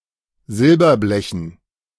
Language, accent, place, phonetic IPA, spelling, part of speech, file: German, Germany, Berlin, [ˈzɪlbɐˌblɛçn̩], Silberblechen, noun, De-Silberblechen.ogg
- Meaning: dative plural of Silberblech